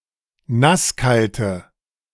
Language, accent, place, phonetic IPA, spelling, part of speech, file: German, Germany, Berlin, [ˈnasˌkaltə], nasskalte, adjective, De-nasskalte.ogg
- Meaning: inflection of nasskalt: 1. strong/mixed nominative/accusative feminine singular 2. strong nominative/accusative plural 3. weak nominative all-gender singular